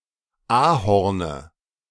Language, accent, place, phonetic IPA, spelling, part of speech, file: German, Germany, Berlin, [ˈaːhɔʁnə], Ahorne, noun, De-Ahorne.ogg
- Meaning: nominative/accusative/genitive plural of Ahorn